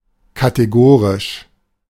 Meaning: categorical
- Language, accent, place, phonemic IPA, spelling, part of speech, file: German, Germany, Berlin, /kateˈɡoːʁɪʃ/, kategorisch, adjective, De-kategorisch.ogg